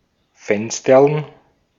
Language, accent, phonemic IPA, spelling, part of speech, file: German, Austria, /ˈfɛnstɐln/, fensterln, verb, De-at-fensterln.ogg
- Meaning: to visit a girl, who is the object of one's affections, at night either by coming to her window or by climbing through it into her room